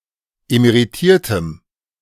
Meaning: strong dative masculine/neuter singular of emeritiert
- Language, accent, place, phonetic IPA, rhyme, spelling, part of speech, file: German, Germany, Berlin, [emeʁiˈtiːɐ̯təm], -iːɐ̯təm, emeritiertem, adjective, De-emeritiertem.ogg